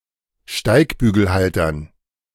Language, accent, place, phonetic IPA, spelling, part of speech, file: German, Germany, Berlin, [ˈʃtaɪ̯kbyːɡl̩ˌhaltɐn], Steigbügelhaltern, noun, De-Steigbügelhaltern.ogg
- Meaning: dative plural of Steigbügelhalter